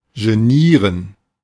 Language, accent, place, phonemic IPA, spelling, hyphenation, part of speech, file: German, Germany, Berlin, /ʒəˈniːɐ̯n/, genieren, ge‧nie‧ren, verb, De-genieren.ogg
- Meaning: 1. to be ashamed 2. to be embarrassed 3. to embarrass